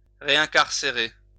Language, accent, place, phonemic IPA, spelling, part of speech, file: French, France, Lyon, /ʁe.ɛ̃.kaʁ.se.ʁe/, réincarcérer, verb, LL-Q150 (fra)-réincarcérer.wav
- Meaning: to reincarcerate